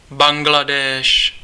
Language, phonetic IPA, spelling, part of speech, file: Czech, [ˈbaŋɡladɛːʃ], Bangladéš, proper noun, Cs-Bangladéš.ogg
- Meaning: Bangladesh (a country in South Asia)